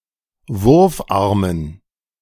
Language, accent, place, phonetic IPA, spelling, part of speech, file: German, Germany, Berlin, [ˈvʊʁfˌʔaʁmən], Wurfarmen, noun, De-Wurfarmen.ogg
- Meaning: dative plural of Wurfarm